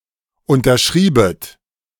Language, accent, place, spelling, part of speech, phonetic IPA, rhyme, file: German, Germany, Berlin, unterschriebet, verb, [ˌʊntɐˈʃʁiːbət], -iːbət, De-unterschriebet.ogg
- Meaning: second-person plural subjunctive II of unterschreiben